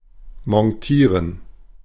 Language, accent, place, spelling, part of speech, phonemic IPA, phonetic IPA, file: German, Germany, Berlin, montieren, verb, /mɔnˈtiːʁən/, [mɔnˈtʰiːɐ̯n], De-montieren.ogg
- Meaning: to mount, to set up